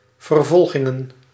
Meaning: plural of vervolging
- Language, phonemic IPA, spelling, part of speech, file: Dutch, /vərˈvɔl.ɣɪ.ŋə(n)/, vervolgingen, noun, Nl-vervolgingen.ogg